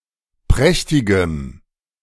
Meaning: strong dative masculine/neuter singular of prächtig
- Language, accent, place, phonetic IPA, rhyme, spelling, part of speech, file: German, Germany, Berlin, [ˈpʁɛçtɪɡəm], -ɛçtɪɡəm, prächtigem, adjective, De-prächtigem.ogg